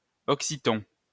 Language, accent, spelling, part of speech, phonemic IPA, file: French, France, oxyton, adjective, /ɔk.si.tɔ̃/, LL-Q150 (fra)-oxyton.wav
- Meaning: oxytone (having the stress or an acute accent on the last syllable)